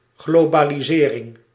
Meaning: globalization (US), globalisation (UK)
- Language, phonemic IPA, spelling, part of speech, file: Dutch, /ˌɣlobaliˈzerɪŋ/, globalisering, noun, Nl-globalisering.ogg